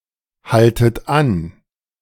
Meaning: inflection of anhalten: 1. second-person plural present 2. second-person plural subjunctive I 3. plural imperative
- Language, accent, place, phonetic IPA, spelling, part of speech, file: German, Germany, Berlin, [ˌhaltət ˈan], haltet an, verb, De-haltet an.ogg